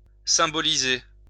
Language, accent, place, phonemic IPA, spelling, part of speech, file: French, France, Lyon, /sɛ̃.bɔ.li.ze/, symboliser, verb, LL-Q150 (fra)-symboliser.wav
- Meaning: to symbolize (to be symbolic of; to represent)